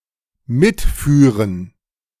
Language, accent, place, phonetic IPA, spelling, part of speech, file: German, Germany, Berlin, [ˈmɪtˌfyːʁən], mitführen, verb, De-mitführen.ogg
- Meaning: first/third-person plural dependent subjunctive II of mitfahren